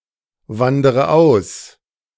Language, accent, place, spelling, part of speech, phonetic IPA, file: German, Germany, Berlin, wandere aus, verb, [ˌvandəʁə ˈaʊ̯s], De-wandere aus.ogg
- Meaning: inflection of auswandern: 1. first-person singular present 2. first/third-person singular subjunctive I 3. singular imperative